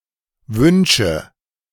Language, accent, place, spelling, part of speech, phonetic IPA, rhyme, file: German, Germany, Berlin, wünsche, verb, [ˈvʏnʃə], -ʏnʃə, De-wünsche.ogg
- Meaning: inflection of wünschen: 1. first-person singular present 2. first/third-person singular subjunctive I 3. singular imperative